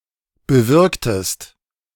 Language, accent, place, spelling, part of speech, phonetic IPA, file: German, Germany, Berlin, bewirktest, verb, [bəˈvɪʁktəst], De-bewirktest.ogg
- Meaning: inflection of bewirken: 1. second-person singular preterite 2. second-person singular subjunctive II